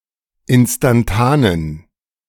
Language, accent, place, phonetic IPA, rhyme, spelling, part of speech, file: German, Germany, Berlin, [ˌɪnstanˈtaːnən], -aːnən, instantanen, adjective, De-instantanen.ogg
- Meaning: inflection of instantan: 1. strong genitive masculine/neuter singular 2. weak/mixed genitive/dative all-gender singular 3. strong/weak/mixed accusative masculine singular 4. strong dative plural